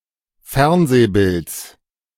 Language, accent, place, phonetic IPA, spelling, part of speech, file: German, Germany, Berlin, [ˈfɛʁnzeːˌbɪlt͡s], Fernsehbilds, noun, De-Fernsehbilds.ogg
- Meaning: genitive singular of Fernsehbild